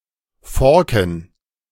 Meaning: plural of Forke
- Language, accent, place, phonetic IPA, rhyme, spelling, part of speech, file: German, Germany, Berlin, [ˈfɔʁkn̩], -ɔʁkn̩, Forken, noun, De-Forken.ogg